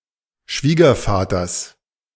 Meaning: genitive singular of Schwiegervater
- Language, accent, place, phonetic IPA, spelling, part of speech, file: German, Germany, Berlin, [ˈʃviːɡɐfaːtɐs], Schwiegervaters, noun, De-Schwiegervaters.ogg